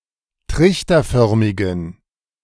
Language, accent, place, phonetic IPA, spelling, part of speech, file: German, Germany, Berlin, [ˈtʁɪçtɐˌfœʁmɪɡn̩], trichterförmigen, adjective, De-trichterförmigen.ogg
- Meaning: inflection of trichterförmig: 1. strong genitive masculine/neuter singular 2. weak/mixed genitive/dative all-gender singular 3. strong/weak/mixed accusative masculine singular 4. strong dative plural